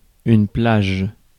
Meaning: 1. beach 2. range
- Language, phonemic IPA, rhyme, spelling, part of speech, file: French, /plaʒ/, -aʒ, plage, noun, Fr-plage.ogg